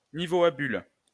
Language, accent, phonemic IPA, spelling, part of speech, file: French, France, /ni.vo a byl/, niveau à bulle, noun, LL-Q150 (fra)-niveau à bulle.wav
- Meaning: spirit level, bubble level